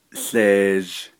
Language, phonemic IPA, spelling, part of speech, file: Navajo, /ɬèːʒ/, łeezh, noun, Nv-łeezh.ogg
- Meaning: dirt, dust, soil, ashes